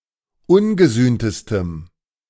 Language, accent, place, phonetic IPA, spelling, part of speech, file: German, Germany, Berlin, [ˈʊnɡəˌzyːntəstəm], ungesühntestem, adjective, De-ungesühntestem.ogg
- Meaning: strong dative masculine/neuter singular superlative degree of ungesühnt